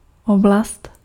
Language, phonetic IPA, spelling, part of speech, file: Czech, [ˈoblast], oblast, noun, Cs-oblast.ogg
- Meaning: area (particular geographic region)